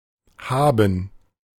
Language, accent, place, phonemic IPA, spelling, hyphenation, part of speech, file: German, Germany, Berlin, /ˈhaːbən/, Haben, Ha‧ben, noun, De-Haben.ogg
- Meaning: 1. gerund of haben 2. credit